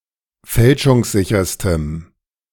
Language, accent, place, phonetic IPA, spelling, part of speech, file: German, Germany, Berlin, [ˈfɛlʃʊŋsˌzɪçɐstəm], fälschungssicherstem, adjective, De-fälschungssicherstem.ogg
- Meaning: strong dative masculine/neuter singular superlative degree of fälschungssicher